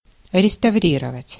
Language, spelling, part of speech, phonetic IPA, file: Russian, реставрировать, verb, [rʲɪstɐˈvrʲirəvətʲ], Ru-реставрировать.ogg
- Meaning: 1. to restore, to refurbish (e.g. a building) 2. to restore, to bring back (e.g. an institution, custom, etc.)